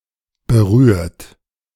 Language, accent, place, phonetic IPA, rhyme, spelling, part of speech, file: German, Germany, Berlin, [bəˈʁyːɐ̯t], -yːɐ̯t, berührt, verb, De-berührt.ogg
- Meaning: 1. past participle of berühren 2. inflection of berühren: third-person singular present 3. inflection of berühren: second-person plural present 4. inflection of berühren: plural imperative